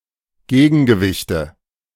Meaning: nominative/accusative/genitive plural of Gegengewicht
- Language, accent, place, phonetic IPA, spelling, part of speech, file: German, Germany, Berlin, [ˈɡeːɡn̩ɡəˌvɪçtə], Gegengewichte, noun, De-Gegengewichte.ogg